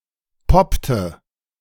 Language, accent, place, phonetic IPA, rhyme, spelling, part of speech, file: German, Germany, Berlin, [ˈpɔptə], -ɔptə, poppte, verb, De-poppte.ogg
- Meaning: inflection of poppen: 1. first/third-person singular preterite 2. first/third-person singular subjunctive II